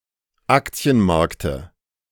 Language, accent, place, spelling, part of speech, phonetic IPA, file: German, Germany, Berlin, Aktienmarkte, noun, [ˈakt͡si̯ənˌmaʁktə], De-Aktienmarkte.ogg
- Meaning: dative singular of Aktienmarkt